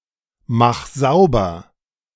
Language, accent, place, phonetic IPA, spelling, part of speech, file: German, Germany, Berlin, [ˌmax ˈzaʊ̯bɐ], mach sauber, verb, De-mach sauber.ogg
- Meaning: 1. singular imperative of saubermachen 2. first-person singular present of saubermachen